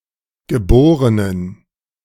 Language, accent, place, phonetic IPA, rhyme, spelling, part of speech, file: German, Germany, Berlin, [ɡəˈboːʁənən], -oːʁənən, geborenen, adjective, De-geborenen.ogg
- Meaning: inflection of geboren: 1. strong genitive masculine/neuter singular 2. weak/mixed genitive/dative all-gender singular 3. strong/weak/mixed accusative masculine singular 4. strong dative plural